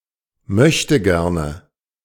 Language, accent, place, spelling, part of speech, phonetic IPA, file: German, Germany, Berlin, Möchtegerne, noun, [ˈmœçtəˌɡɛʁnə], De-Möchtegerne.ogg
- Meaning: nominative/accusative/genitive plural of Möchtegern